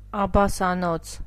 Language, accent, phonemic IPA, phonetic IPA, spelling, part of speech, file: Armenian, Eastern Armenian, /ɑbɑsɑˈnot͡sʰ/, [ɑbɑsɑnót͡sʰ], աբասանոց, noun / adjective, Hy-աբասանոց.ogg
- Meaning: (noun) a coin having face value of one աբասի (abasi); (adjective) costing one աբասի (abasi)